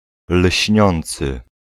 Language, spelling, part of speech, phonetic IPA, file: Polish, lśniący, adjective, [ˈl̥ʲɕɲɔ̃nt͡sɨ], Pl-lśniący.ogg